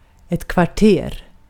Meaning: 1. city block 2. neighborhood 3. quarters 4. quarter (phase of the moon) 5. quarter (unit of length equal to 1/4 aln (“ell”)) 6. unit of volume equal to 1/4 stop, or approximately 1/3 liter
- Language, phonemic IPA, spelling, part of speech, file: Swedish, /kvarˈteːr/, kvarter, noun, Sv-kvarter.ogg